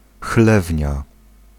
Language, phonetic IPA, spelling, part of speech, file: Polish, [ˈxlɛvʲɲa], chlewnia, noun, Pl-chlewnia.ogg